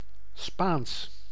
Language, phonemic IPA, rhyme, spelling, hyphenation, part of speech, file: Dutch, /spaːns/, -aːns, Spaans, Spaans, adjective / proper noun / adverb, Nl-Spaans.ogg
- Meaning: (adjective) Spanish; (proper noun) Spanish (language); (adverb) callously, savagely, cruelly; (proper noun) a surname